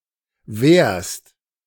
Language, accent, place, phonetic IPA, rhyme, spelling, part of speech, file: German, Germany, Berlin, [vɛːɐ̯st], -ɛːɐ̯st, währst, verb, De-währst.ogg
- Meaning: second-person singular present of währen